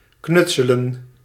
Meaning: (verb) to DIY; to put something together out of whatever is available at the time, often for fun; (noun) handicrafts, primarily as a children's activity
- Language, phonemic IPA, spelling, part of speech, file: Dutch, /ˈknʏt.sə.lə(n)/, knutselen, verb / noun, Nl-knutselen.ogg